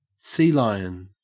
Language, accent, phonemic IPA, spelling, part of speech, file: English, Australia, /ˈsiːlaɪən/, sealion, verb / noun, En-au-sealion.ogg
- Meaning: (verb) To intrude on a conversation with probing questions in an attempt to engage in unwanted debate, usually disingenuously as a form of harassment or trolling; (noun) Alternative form of sea lion